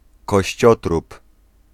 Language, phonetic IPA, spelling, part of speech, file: Polish, [kɔɕˈt͡ɕɔtrup], kościotrup, noun, Pl-kościotrup.ogg